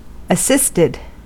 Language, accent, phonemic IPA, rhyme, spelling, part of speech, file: English, US, /əˈsɪstɪd/, -ɪstɪd, assisted, verb, En-us-assisted.ogg
- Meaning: simple past and past participle of assist